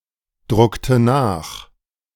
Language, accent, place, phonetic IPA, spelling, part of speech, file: German, Germany, Berlin, [ˌdʁʊktə ˈnaːx], druckte nach, verb, De-druckte nach.ogg
- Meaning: inflection of nachdrucken: 1. first/third-person singular preterite 2. first/third-person singular subjunctive II